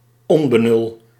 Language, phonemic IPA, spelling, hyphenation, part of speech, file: Dutch, /ˈɔn.bəˌnʏl/, onbenul, on‧be‧nul, noun, Nl-onbenul.ogg
- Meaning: 1. complete lack of understanding, insight or awareness 2. someone who shows a complete lack of understanding, insight or awareness